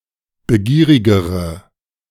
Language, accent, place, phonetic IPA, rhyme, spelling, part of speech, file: German, Germany, Berlin, [bəˈɡiːʁɪɡəʁə], -iːʁɪɡəʁə, begierigere, adjective, De-begierigere.ogg
- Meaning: inflection of begierig: 1. strong/mixed nominative/accusative feminine singular comparative degree 2. strong nominative/accusative plural comparative degree